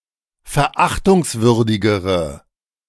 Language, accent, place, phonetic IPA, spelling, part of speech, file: German, Germany, Berlin, [fɛɐ̯ˈʔaxtʊŋsˌvʏʁdɪɡəʁə], verachtungswürdigere, adjective, De-verachtungswürdigere.ogg
- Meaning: inflection of verachtungswürdig: 1. strong/mixed nominative/accusative feminine singular comparative degree 2. strong nominative/accusative plural comparative degree